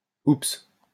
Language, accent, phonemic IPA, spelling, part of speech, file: French, France, /ups/, oups, interjection, LL-Q150 (fra)-oups.wav
- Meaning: oops, whoops